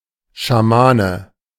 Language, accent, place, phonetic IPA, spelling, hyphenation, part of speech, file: German, Germany, Berlin, [ʃaˈmaːnə], Schamane, Scha‧ma‧ne, noun, De-Schamane.ogg
- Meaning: shaman (male or of unspecified sex)